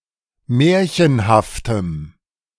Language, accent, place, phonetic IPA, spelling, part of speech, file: German, Germany, Berlin, [ˈmɛːɐ̯çənhaftəm], märchenhaftem, adjective, De-märchenhaftem.ogg
- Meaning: strong dative masculine/neuter singular of märchenhaft